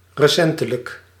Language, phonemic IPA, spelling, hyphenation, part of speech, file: Dutch, /rəˈsɛn.tə.lək/, recentelijk, re‧cen‧te‧lijk, adverb, Nl-recentelijk.ogg
- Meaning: recently